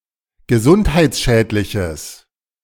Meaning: strong/mixed nominative/accusative neuter singular of gesundheitsschädlich
- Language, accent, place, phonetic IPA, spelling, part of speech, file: German, Germany, Berlin, [ɡəˈzʊnthaɪ̯t͡sˌʃɛːtlɪçəs], gesundheitsschädliches, adjective, De-gesundheitsschädliches.ogg